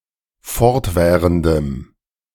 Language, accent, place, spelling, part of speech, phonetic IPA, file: German, Germany, Berlin, fortwährendem, adjective, [ˈfɔʁtˌvɛːʁəndəm], De-fortwährendem.ogg
- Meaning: strong dative masculine/neuter singular of fortwährend